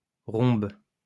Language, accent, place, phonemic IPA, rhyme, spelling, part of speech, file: French, France, Lyon, /ʁɔ̃b/, -ɔ̃b, rhombe, noun, LL-Q150 (fra)-rhombe.wav
- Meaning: 1. rhombus 2. rhombus, bullroarer